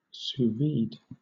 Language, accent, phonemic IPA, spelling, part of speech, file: English, Southern England, /suːˈviːd/, sous-vide, adverb / noun / verb, LL-Q1860 (eng)-sous-vide.wav
- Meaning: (adverb) In the manner of heating in an airtight bag for an extended period of time at relatively low, but tightly controlled temperature